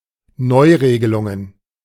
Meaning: plural of Neuregelung
- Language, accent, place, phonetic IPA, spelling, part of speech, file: German, Germany, Berlin, [ˈnɔɪ̯ˌʁeːɡəlʊŋən], Neuregelungen, noun, De-Neuregelungen.ogg